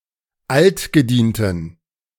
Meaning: inflection of altgedient: 1. strong genitive masculine/neuter singular 2. weak/mixed genitive/dative all-gender singular 3. strong/weak/mixed accusative masculine singular 4. strong dative plural
- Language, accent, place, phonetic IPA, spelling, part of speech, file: German, Germany, Berlin, [ˈaltɡəˌdiːntn̩], altgedienten, adjective, De-altgedienten.ogg